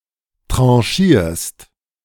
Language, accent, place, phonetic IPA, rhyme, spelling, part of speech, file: German, Germany, Berlin, [ˌtʁɑ̃ˈʃiːɐ̯st], -iːɐ̯st, tranchierst, verb, De-tranchierst.ogg
- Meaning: second-person singular present of tranchieren